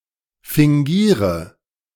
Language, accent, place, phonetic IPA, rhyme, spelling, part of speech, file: German, Germany, Berlin, [fɪŋˈɡiːʁə], -iːʁə, fingiere, verb, De-fingiere.ogg
- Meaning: inflection of fingieren: 1. first-person singular present 2. first/third-person singular subjunctive I 3. singular imperative